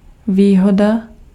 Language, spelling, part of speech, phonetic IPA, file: Czech, výhoda, noun, [ˈviːɦoda], Cs-výhoda.ogg
- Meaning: 1. advantage 2. benefit